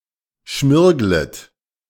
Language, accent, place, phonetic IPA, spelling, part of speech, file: German, Germany, Berlin, [ˈʃmɪʁɡlət], schmirglet, verb, De-schmirglet.ogg
- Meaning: second-person plural subjunctive I of schmirgeln